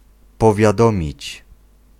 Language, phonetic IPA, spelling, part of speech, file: Polish, [ˌpɔvʲjaˈdɔ̃mʲit͡ɕ], powiadomić, verb, Pl-powiadomić.ogg